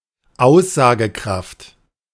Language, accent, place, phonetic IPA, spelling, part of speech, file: German, Germany, Berlin, [ˈaʊ̯szaːɡəˌkʁaft], Aussagekraft, noun, De-Aussagekraft.ogg
- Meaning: 1. validity 2. significance 3. meaningfulness